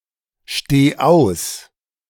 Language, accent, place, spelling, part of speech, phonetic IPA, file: German, Germany, Berlin, steh aus, verb, [ˌʃteː ˈaʊ̯s], De-steh aus.ogg
- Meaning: singular imperative of ausstehen